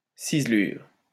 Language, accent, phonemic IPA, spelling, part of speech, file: French, France, /siz.lyʁ/, ciselure, noun, LL-Q150 (fra)-ciselure.wav
- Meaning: 1. engraving, chasing 2. carving, tooling